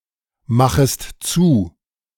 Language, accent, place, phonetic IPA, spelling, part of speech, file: German, Germany, Berlin, [ˌmaxəst ˈt͡suː], machest zu, verb, De-machest zu.ogg
- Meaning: second-person singular subjunctive I of zumachen